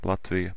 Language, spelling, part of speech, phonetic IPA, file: Latvian, Latvija, proper noun, [latvija], Lv-Latvija.ogg
- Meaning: Latvia (a country in northeastern Europe; official name: Latvijas Republika; capital and largest city: Rīga)